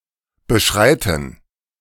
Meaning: to tread, to pursue
- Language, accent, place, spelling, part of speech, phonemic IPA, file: German, Germany, Berlin, beschreiten, verb, /bəˈʃʁaɪ̯tən/, De-beschreiten.ogg